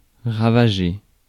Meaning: to ravage, to ruin, to lay waste to
- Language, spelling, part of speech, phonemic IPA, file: French, ravager, verb, /ʁa.va.ʒe/, Fr-ravager.ogg